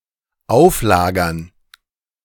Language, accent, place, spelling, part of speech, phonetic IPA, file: German, Germany, Berlin, Auflagern, noun, [ˈaʊ̯fˌlaːɡɐn], De-Auflagern.ogg
- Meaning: dative plural of Auflager